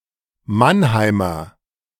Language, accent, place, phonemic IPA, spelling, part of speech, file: German, Germany, Berlin, /ˈmanˌhaɪ̯mɐ/, Mannheimer, noun, De-Mannheimer.ogg
- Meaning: Mannheimer (native or inhabitant of the city of Mannheim, Baden-Württemberg, Germany) (usually male)